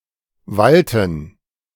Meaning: 1. to rule, to exercise control 2. to prevail
- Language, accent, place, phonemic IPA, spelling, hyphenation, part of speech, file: German, Germany, Berlin, /ˈvaltən/, walten, wal‧ten, verb, De-walten.ogg